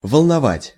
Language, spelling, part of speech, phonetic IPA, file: Russian, волновать, verb, [vəɫnɐˈvatʲ], Ru-волновать.ogg
- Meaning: 1. to agitate, to trouble, to disturb, to worry, to alarm, to upset 2. to ruffle, to stir